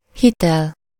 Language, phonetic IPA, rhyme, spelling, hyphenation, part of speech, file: Hungarian, [ˈhitɛl], -ɛl, hitel, hi‧tel, noun, Hu-hitel.ogg
- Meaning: 1. credit (privilege of delayed payment) 2. credence, trustworthiness